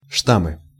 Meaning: nominative/accusative plural of штамм (štamm)
- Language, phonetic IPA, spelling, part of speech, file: Russian, [ˈʂtamɨ], штаммы, noun, Ru-штаммы.ogg